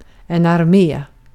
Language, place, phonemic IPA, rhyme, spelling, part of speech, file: Swedish, Gotland, /arˈmeː/, -eː, armé, noun, Sv-armé.ogg
- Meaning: army